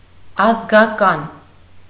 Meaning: relation, relative; kinsman; kinswoman; kindred, kinsfolk
- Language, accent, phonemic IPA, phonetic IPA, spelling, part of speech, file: Armenian, Eastern Armenian, /ɑzɡɑˈkɑn/, [ɑzɡɑkɑ́n], ազգական, noun, Hy-ազգական.ogg